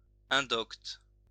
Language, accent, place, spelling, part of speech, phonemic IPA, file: French, France, Lyon, indocte, adjective, /ɛ̃.dɔkt/, LL-Q150 (fra)-indocte.wav
- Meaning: unlearned